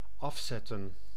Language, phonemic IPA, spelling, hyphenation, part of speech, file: Dutch, /ˈɑfˌsɛtə(n)/, afzetten, af‧zet‧ten, verb, Nl-afzetten.ogg
- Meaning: 1. to take off (an item of clothing) 2. to switch off (an electronic device) 3. to amputate 4. to demarcate, mark out with boundaries